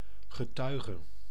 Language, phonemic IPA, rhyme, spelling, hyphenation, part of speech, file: Dutch, /ɣəˈtœy̯.ɣə/, -œy̯ɣə, getuige, ge‧tui‧ge, noun / verb / preposition, Nl-getuige.ogg
- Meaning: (noun) 1. a witness, person who observed 2. a witness who testifies in a case 3. a testimony; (verb) singular present subjunctive of getuigen; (preposition) as shown by, judging by, witness